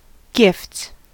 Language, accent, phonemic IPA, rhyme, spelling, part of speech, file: English, US, /ɡɪfts/, -ɪfts, gifts, noun / verb, En-us-gifts.ogg
- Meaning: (noun) plural of gift; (verb) third-person singular simple present indicative of gift